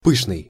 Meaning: 1. fluffy, luxuriant 2. magnificent, splendid, sumptuous (suggesting abundance and great expense, and having a flavour/flavor of debauchery)
- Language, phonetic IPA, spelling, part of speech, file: Russian, [ˈpɨʂnɨj], пышный, adjective, Ru-пышный.ogg